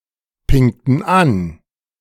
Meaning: inflection of anpingen: 1. first/third-person plural preterite 2. first/third-person plural subjunctive II
- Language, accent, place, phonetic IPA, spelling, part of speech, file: German, Germany, Berlin, [ˌpɪŋtn̩ ˈan], pingten an, verb, De-pingten an.ogg